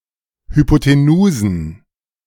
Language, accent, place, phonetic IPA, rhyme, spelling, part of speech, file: German, Germany, Berlin, [hypoteˈnuːzn̩], -uːzn̩, Hypotenusen, noun, De-Hypotenusen.ogg
- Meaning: plural of Hypotenuse